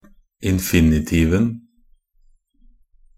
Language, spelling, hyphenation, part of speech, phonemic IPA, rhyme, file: Norwegian Bokmål, infinitiven, in‧fi‧ni‧tiv‧en, noun, /ɪnfɪnɪˈtiːʋn̩/, -iːʋn̩, Nb-infinitiven.ogg
- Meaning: definite singular of infinitiv